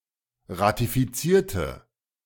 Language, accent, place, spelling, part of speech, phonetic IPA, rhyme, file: German, Germany, Berlin, ratifizierte, adjective / verb, [ʁatifiˈt͡siːɐ̯tə], -iːɐ̯tə, De-ratifizierte.ogg
- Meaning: inflection of ratifizieren: 1. first/third-person singular preterite 2. first/third-person singular subjunctive II